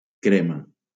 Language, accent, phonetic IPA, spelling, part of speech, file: Catalan, Valencia, [ˈkɾe.ma], crema, noun / verb, LL-Q7026 (cat)-crema.wav
- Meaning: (noun) 1. crema catalana (a Catalan dessert) 2. pale yellow, the color of crema catalana 3. cream (fat part of milk) 4. cream (skin product) 5. soup with cream 6. custard